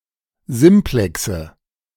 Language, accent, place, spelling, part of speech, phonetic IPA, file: German, Germany, Berlin, Simplexe, noun, [ˈzɪmplɛksə], De-Simplexe.ogg
- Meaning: nominative/accusative/genitive plural of Simplex